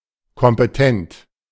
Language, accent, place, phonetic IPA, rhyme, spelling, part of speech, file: German, Germany, Berlin, [kɔmpəˈtɛnt], -ɛnt, kompetent, adjective, De-kompetent.ogg
- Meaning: competent